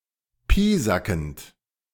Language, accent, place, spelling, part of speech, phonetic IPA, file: German, Germany, Berlin, piesackend, verb, [ˈpiːzakn̩t], De-piesackend.ogg
- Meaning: present participle of piesacken